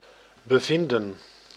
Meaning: 1. to discover, to find 2. to be located, to find oneself
- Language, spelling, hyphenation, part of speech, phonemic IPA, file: Dutch, bevinden, be‧vin‧den, verb, /bəˈvɪndə(n)/, Nl-bevinden.ogg